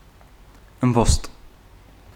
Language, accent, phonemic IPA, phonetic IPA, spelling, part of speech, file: Armenian, Eastern Armenian, /əmˈbost/, [əmbóst], ըմբոստ, adjective / noun / adverb, Hy-ըմբոստ.ogg
- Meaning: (adjective) 1. rebellious, defiant 2. recalcitrant, intractable, unruly 3. strong, powerful 4. standing firm; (noun) 1. rebel 2. nonconformist, dissident; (adverb) rebelliously